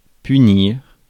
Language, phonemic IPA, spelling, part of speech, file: French, /py.niʁ/, punir, verb, Fr-punir.ogg
- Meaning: to punish